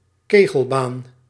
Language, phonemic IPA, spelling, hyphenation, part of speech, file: Dutch, /ˈkeː.ɣəlˌbaːn/, kegelbaan, ke‧gel‧baan, noun, Nl-kegelbaan.ogg
- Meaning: bowling court, bowling alley (not for ten-pin bowling)